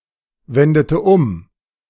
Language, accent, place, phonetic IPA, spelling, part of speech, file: German, Germany, Berlin, [ˌvɛndətə ˈʊm], wendete um, verb, De-wendete um.ogg
- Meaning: inflection of umwenden: 1. first/third-person singular preterite 2. first/third-person singular subjunctive II